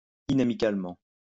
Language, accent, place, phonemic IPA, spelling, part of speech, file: French, France, Lyon, /i.na.mi.kal.mɑ̃/, inamicalement, adverb, LL-Q150 (fra)-inamicalement.wav
- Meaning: in an unfriendly way, unamicably